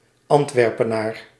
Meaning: a native or inhabitant of Antwerp, Belgium; an Antwerpian
- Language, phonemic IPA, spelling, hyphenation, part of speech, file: Dutch, /ˌɑnt.ʋɛr.pəˈnaːr/, Antwerpenaar, Ant‧wer‧pe‧naar, noun, Nl-Antwerpenaar.ogg